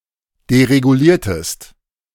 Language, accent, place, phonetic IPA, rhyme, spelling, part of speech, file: German, Germany, Berlin, [deʁeɡuˈliːɐ̯təst], -iːɐ̯təst, dereguliertest, verb, De-dereguliertest.ogg
- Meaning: inflection of deregulieren: 1. second-person singular preterite 2. second-person singular subjunctive II